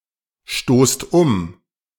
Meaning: inflection of umstoßen: 1. second-person plural present 2. plural imperative
- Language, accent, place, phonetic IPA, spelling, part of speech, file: German, Germany, Berlin, [ˌʃtoːst ˈʊm], stoßt um, verb, De-stoßt um.ogg